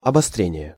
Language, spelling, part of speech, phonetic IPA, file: Russian, обострение, noun, [ɐbɐˈstrʲenʲɪje], Ru-обострение.ogg
- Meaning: intensification, worsening, aggravation, exacerbation, sharpening